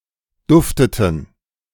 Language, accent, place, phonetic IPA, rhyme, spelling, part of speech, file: German, Germany, Berlin, [ˈdʊftətn̩], -ʊftətn̩, dufteten, verb, De-dufteten.ogg
- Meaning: inflection of duften: 1. first/third-person plural preterite 2. first/third-person plural subjunctive II